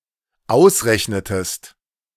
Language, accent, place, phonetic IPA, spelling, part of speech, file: German, Germany, Berlin, [ˈaʊ̯sˌʁɛçnətəst], ausrechnetest, verb, De-ausrechnetest.ogg
- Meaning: inflection of ausrechnen: 1. second-person singular dependent preterite 2. second-person singular dependent subjunctive II